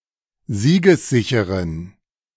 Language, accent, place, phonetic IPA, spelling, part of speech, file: German, Germany, Berlin, [ˈziːɡəsˌzɪçəʁən], siegessicheren, adjective, De-siegessicheren.ogg
- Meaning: inflection of siegessicher: 1. strong genitive masculine/neuter singular 2. weak/mixed genitive/dative all-gender singular 3. strong/weak/mixed accusative masculine singular 4. strong dative plural